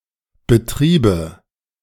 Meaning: first/third-person singular subjunctive II of betreiben
- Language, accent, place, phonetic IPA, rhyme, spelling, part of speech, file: German, Germany, Berlin, [bəˈtʁiːbə], -iːbə, betriebe, verb, De-betriebe.ogg